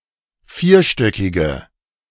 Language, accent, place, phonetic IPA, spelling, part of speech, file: German, Germany, Berlin, [ˈfiːɐ̯ˌʃtœkɪɡə], vierstöckige, adjective, De-vierstöckige.ogg
- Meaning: inflection of vierstöckig: 1. strong/mixed nominative/accusative feminine singular 2. strong nominative/accusative plural 3. weak nominative all-gender singular